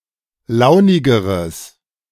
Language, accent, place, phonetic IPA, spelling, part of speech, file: German, Germany, Berlin, [ˈlaʊ̯nɪɡəʁəs], launigeres, adjective, De-launigeres.ogg
- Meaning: strong/mixed nominative/accusative neuter singular comparative degree of launig